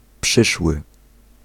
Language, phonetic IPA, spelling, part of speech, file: Polish, [ˈpʃɨʃwɨ], przyszły, adjective / verb, Pl-przyszły.ogg